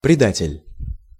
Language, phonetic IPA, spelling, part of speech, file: Russian, [prʲɪˈdatʲɪlʲ], предатель, noun, Ru-предатель.ogg
- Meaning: traitor, betrayer